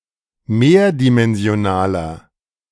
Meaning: inflection of mehrdimensional: 1. strong/mixed nominative masculine singular 2. strong genitive/dative feminine singular 3. strong genitive plural
- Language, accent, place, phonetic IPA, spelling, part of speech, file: German, Germany, Berlin, [ˈmeːɐ̯dimɛnzi̯oˌnaːlɐ], mehrdimensionaler, adjective, De-mehrdimensionaler.ogg